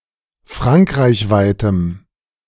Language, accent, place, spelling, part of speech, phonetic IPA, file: German, Germany, Berlin, frankreichweitem, adjective, [ˈfʁaŋkʁaɪ̯çˌvaɪ̯təm], De-frankreichweitem.ogg
- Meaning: strong dative masculine/neuter singular of frankreichweit